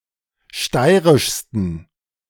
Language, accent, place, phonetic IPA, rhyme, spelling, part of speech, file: German, Germany, Berlin, [ˈʃtaɪ̯ʁɪʃstn̩], -aɪ̯ʁɪʃstn̩, steirischsten, adjective, De-steirischsten.ogg
- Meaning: 1. superlative degree of steirisch 2. inflection of steirisch: strong genitive masculine/neuter singular superlative degree